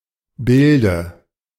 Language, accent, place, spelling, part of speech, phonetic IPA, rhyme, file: German, Germany, Berlin, Bilde, noun, [ˈbɪldə], -ɪldə, De-Bilde.ogg
- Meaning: dative singular of Bild